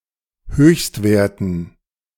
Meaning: dative plural of Höchstwert
- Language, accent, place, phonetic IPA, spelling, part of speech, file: German, Germany, Berlin, [ˈhøːçstˌveːɐ̯tn̩], Höchstwerten, noun, De-Höchstwerten.ogg